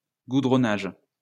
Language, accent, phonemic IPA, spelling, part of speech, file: French, France, /ɡu.dʁɔ.naʒ/, goudronnage, noun, LL-Q150 (fra)-goudronnage.wav
- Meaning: tarring